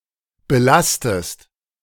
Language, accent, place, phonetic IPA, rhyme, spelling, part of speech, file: German, Germany, Berlin, [bəˈlastəst], -astəst, belastest, verb, De-belastest.ogg
- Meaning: inflection of belasten: 1. second-person singular present 2. second-person singular subjunctive I